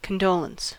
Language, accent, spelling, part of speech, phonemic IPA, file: English, US, condolence, noun, /kənˈdoʊləns/, En-us-condolence.ogg
- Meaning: 1. Comfort, support or sympathy 2. An expression of comfort, support, or sympathy offered to the family and friends of somebody who has died